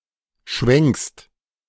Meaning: second-person singular present of schwenken
- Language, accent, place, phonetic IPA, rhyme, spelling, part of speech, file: German, Germany, Berlin, [ʃvɛŋkst], -ɛŋkst, schwenkst, verb, De-schwenkst.ogg